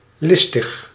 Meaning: cunning, shrewd
- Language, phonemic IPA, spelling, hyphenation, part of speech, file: Dutch, /ˈlɪs.təx/, listig, lis‧tig, adjective, Nl-listig.ogg